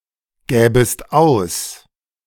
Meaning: second-person singular subjunctive II of ausgeben
- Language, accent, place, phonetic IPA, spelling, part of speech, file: German, Germany, Berlin, [ˌɡɛːbəst ˈaʊ̯s], gäbest aus, verb, De-gäbest aus.ogg